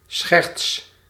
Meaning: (noun) 1. joking, tomfoolery, silliness 2. a joke, a prank; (verb) inflection of schertsen: 1. first-person singular present indicative 2. second-person singular present indicative 3. imperative
- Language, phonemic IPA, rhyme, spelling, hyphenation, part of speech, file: Dutch, /sxɛrts/, -ɛrts, scherts, scherts, noun / verb, Nl-scherts.ogg